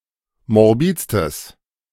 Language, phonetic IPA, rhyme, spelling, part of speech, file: German, [mɔʁˈbiːt͡stəs], -iːt͡stəs, morbidstes, adjective, De-morbidstes.ogg